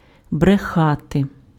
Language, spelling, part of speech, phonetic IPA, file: Ukrainian, брехати, verb, [breˈxate], Uk-брехати.ogg
- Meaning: 1. to lie 2. to bark